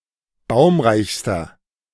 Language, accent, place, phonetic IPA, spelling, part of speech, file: German, Germany, Berlin, [ˈbaʊ̯mʁaɪ̯çstɐ], baumreichster, adjective, De-baumreichster.ogg
- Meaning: inflection of baumreich: 1. strong/mixed nominative masculine singular superlative degree 2. strong genitive/dative feminine singular superlative degree 3. strong genitive plural superlative degree